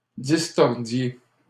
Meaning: inflection of distordre: 1. second-person plural imperfect indicative 2. second-person plural present subjunctive
- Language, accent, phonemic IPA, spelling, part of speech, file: French, Canada, /dis.tɔʁ.dje/, distordiez, verb, LL-Q150 (fra)-distordiez.wav